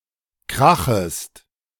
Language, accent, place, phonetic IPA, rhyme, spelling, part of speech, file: German, Germany, Berlin, [ˈkʁaxəst], -axəst, krachest, verb, De-krachest.ogg
- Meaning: second-person singular subjunctive I of krachen